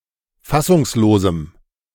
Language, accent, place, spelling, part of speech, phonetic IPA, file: German, Germany, Berlin, fassungslosem, adjective, [ˈfasʊŋsˌloːzm̩], De-fassungslosem.ogg
- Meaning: strong dative masculine/neuter singular of fassungslos